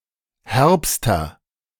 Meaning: inflection of herb: 1. strong/mixed nominative masculine singular superlative degree 2. strong genitive/dative feminine singular superlative degree 3. strong genitive plural superlative degree
- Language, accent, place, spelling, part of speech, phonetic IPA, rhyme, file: German, Germany, Berlin, herbster, adjective, [ˈhɛʁpstɐ], -ɛʁpstɐ, De-herbster.ogg